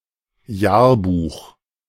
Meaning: yearbook
- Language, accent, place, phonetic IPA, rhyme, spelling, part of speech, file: German, Germany, Berlin, [ˈjaːɐ̯ˌbuːx], -aːɐ̯buːx, Jahrbuch, noun, De-Jahrbuch.ogg